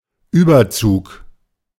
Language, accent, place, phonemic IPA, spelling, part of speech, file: German, Germany, Berlin, /ˈyːbɐˌt͡suːk/, Überzug, noun, De-Überzug.ogg
- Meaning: 1. verbal noun of überziehen (in both stresses) 2. anything that covers an object wholly or partially in such a fashion that it is drawn planarly above it, casing, coating, cover, coat, overlay